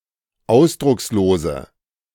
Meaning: inflection of ausdruckslos: 1. strong/mixed nominative/accusative feminine singular 2. strong nominative/accusative plural 3. weak nominative all-gender singular
- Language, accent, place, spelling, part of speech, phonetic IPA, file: German, Germany, Berlin, ausdruckslose, adjective, [ˈaʊ̯sdʁʊksloːzə], De-ausdruckslose.ogg